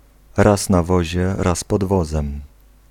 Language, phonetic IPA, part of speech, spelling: Polish, [ˈras na‿ˈvɔʑɛ ˈras pɔd‿ˈvɔzɛ̃m], proverb, raz na wozie, raz pod wozem